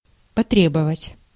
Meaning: 1. to demand, to request 2. to need, to call for
- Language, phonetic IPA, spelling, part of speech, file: Russian, [pɐˈtrʲebəvətʲ], потребовать, verb, Ru-потребовать.ogg